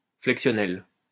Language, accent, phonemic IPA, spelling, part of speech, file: French, France, /flɛk.sjɔ.nɛl/, flexionnel, adjective, LL-Q150 (fra)-flexionnel.wav
- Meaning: 1. inflected (allowing inflection) 2. inflectional